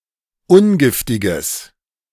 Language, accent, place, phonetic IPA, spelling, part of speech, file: German, Germany, Berlin, [ˈʊnˌɡɪftɪɡəs], ungiftiges, adjective, De-ungiftiges.ogg
- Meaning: strong/mixed nominative/accusative neuter singular of ungiftig